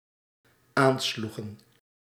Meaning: inflection of aanslaan: 1. plural dependent-clause past indicative 2. plural dependent-clause past subjunctive
- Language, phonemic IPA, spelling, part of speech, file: Dutch, /ˈanslʏxə(n)/, aansloegen, verb, Nl-aansloegen.ogg